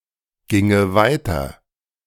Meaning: first/third-person singular subjunctive II of weitergehen
- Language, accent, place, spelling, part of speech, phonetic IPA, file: German, Germany, Berlin, ginge weiter, verb, [ˌɡɪŋə ˈvaɪ̯tɐ], De-ginge weiter.ogg